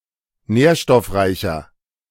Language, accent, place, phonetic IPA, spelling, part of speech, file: German, Germany, Berlin, [ˈnɛːɐ̯ʃtɔfˌʁaɪ̯çɐ], nährstoffreicher, adjective, De-nährstoffreicher.ogg
- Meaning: 1. comparative degree of nährstoffreich 2. inflection of nährstoffreich: strong/mixed nominative masculine singular 3. inflection of nährstoffreich: strong genitive/dative feminine singular